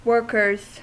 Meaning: plural of worker
- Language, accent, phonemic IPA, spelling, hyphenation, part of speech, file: English, US, /ˈwɝ.kɚz/, workers, work‧ers, noun, En-us-workers.ogg